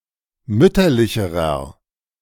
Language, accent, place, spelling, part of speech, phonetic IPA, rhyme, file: German, Germany, Berlin, mütterlicherer, adjective, [ˈmʏtɐlɪçəʁɐ], -ʏtɐlɪçəʁɐ, De-mütterlicherer.ogg
- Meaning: inflection of mütterlich: 1. strong/mixed nominative masculine singular comparative degree 2. strong genitive/dative feminine singular comparative degree 3. strong genitive plural comparative degree